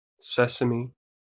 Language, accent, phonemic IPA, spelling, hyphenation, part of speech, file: English, US, /ˈsɛsəmi/, sesame, ses‧a‧me, noun, En-us-sesame.wav
- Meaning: 1. A tropical Asian plant (Sesamum indicum) bearing small flat seeds used as food and as a source of oil 2. The seed of this plant